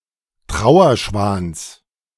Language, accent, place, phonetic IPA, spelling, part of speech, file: German, Germany, Berlin, [ˈtʁaʊ̯ɐˌʃvaːns], Trauerschwans, noun, De-Trauerschwans.ogg
- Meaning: genitive of Trauerschwan